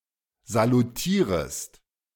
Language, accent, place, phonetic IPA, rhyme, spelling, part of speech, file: German, Germany, Berlin, [zaluˈtiːʁəst], -iːʁəst, salutierest, verb, De-salutierest.ogg
- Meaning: second-person singular subjunctive I of salutieren